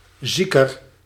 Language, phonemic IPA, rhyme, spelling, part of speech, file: Dutch, /ˈzi.kər/, -ikər, zieker, adjective, Nl-zieker.ogg
- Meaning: comparative degree of ziek